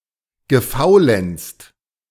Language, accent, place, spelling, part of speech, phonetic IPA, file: German, Germany, Berlin, gefaulenzt, verb, [ɡəˈfaʊ̯lɛnt͡st], De-gefaulenzt.ogg
- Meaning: past participle of faulenzen